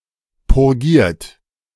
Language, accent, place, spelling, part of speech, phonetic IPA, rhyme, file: German, Germany, Berlin, purgiert, verb, [pʊʁˈɡiːɐ̯t], -iːɐ̯t, De-purgiert.ogg
- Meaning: 1. past participle of purgieren 2. inflection of purgieren: second-person plural present 3. inflection of purgieren: third-person singular present 4. inflection of purgieren: plural imperative